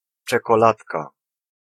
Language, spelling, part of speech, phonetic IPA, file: Polish, czekoladka, noun, [ˌt͡ʃɛkɔˈlatka], Pl-czekoladka.ogg